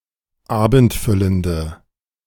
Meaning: inflection of abendfüllend: 1. strong/mixed nominative/accusative feminine singular 2. strong nominative/accusative plural 3. weak nominative all-gender singular
- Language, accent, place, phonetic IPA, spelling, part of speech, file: German, Germany, Berlin, [ˈaːbn̩tˌfʏləndə], abendfüllende, adjective, De-abendfüllende.ogg